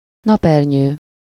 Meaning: sunshade, parasol
- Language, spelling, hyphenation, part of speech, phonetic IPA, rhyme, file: Hungarian, napernyő, nap‧er‧nyő, noun, [ˈnɒpɛrɲøː], -ɲøː, Hu-napernyő.ogg